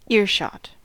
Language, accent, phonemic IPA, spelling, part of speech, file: English, US, /ˈɪɹˌʃɑt/, earshot, noun, En-us-earshot.ogg
- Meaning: A distance from which sound is still audible